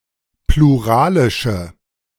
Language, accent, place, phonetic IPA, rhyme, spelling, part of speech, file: German, Germany, Berlin, [pluˈʁaːlɪʃə], -aːlɪʃə, pluralische, adjective, De-pluralische.ogg
- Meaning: inflection of pluralisch: 1. strong/mixed nominative/accusative feminine singular 2. strong nominative/accusative plural 3. weak nominative all-gender singular